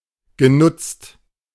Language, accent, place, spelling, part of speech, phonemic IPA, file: German, Germany, Berlin, genutzt, verb / adjective, /ɡəˈnʊt͡st/, De-genutzt.ogg
- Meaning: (verb) past participle of nutzen; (adjective) 1. occupied 2. used, utilized